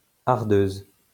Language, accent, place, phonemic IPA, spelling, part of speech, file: French, France, Lyon, /aʁ.døz/, hardeuse, noun, LL-Q150 (fra)-hardeuse.wav
- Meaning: female equivalent of hardeur